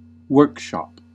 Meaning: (noun) A room, especially one which is not particularly large, used for manufacturing or other light industrial work
- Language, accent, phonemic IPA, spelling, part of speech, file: English, US, /ˈwɝk.ʃɑp/, workshop, noun / verb, En-us-workshop.ogg